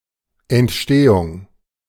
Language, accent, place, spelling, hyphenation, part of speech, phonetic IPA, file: German, Germany, Berlin, Entstehung, Ent‧ste‧hung, noun, [ʔɛntˈʃteːʊŋ], De-Entstehung.ogg
- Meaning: 1. creation 2. origin 3. development 4. formation